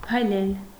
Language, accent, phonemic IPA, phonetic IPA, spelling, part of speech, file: Armenian, Eastern Armenian, /pʰɑjˈlel/, [pʰɑjlél], փայլել, verb, Hy-փայլել.ogg
- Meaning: 1. to shine, to glitter, to sparkle, to glisten 2. to shine (with), to be conspicuous (by)